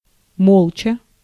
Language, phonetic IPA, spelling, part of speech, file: Russian, [ˈmoɫt͡ɕə], молча, adverb, Ru-молча.ogg
- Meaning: 1. silently, tacitly 2. speechlessly